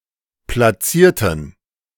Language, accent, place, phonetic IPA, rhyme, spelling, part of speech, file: German, Germany, Berlin, [plaˈt͡siːɐ̯tn̩], -iːɐ̯tn̩, platzierten, adjective / verb, De-platzierten.ogg
- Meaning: inflection of platziert: 1. strong genitive masculine/neuter singular 2. weak/mixed genitive/dative all-gender singular 3. strong/weak/mixed accusative masculine singular 4. strong dative plural